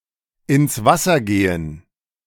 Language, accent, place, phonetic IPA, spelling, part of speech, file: German, Germany, Berlin, [ɪns ˈvasɐ ˈɡeːən], ins Wasser gehen, verb, De-ins Wasser gehen.ogg
- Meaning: 1. to drown oneself, commit suicide by drowning 2. Used other than figuratively or idiomatically: see ins, Wasser, gehen